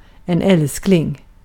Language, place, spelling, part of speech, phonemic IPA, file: Swedish, Gotland, älskling, noun, /²ɛlːsklɪŋ/, Sv-älskling.ogg
- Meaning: 1. darling, honey 2. favourite, most loved